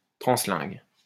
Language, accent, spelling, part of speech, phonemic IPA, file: French, France, translingue, adjective, /tʁɑ̃.slɛ̃ɡ/, LL-Q150 (fra)-translingue.wav
- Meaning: translingual